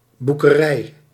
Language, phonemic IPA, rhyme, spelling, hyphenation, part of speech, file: Dutch, /ˌbu.kəˈrɛi̯/, -ɛi̯, boekerij, boe‧ke‧rij, noun, Nl-boekerij.ogg
- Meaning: 1. library 2. collection of books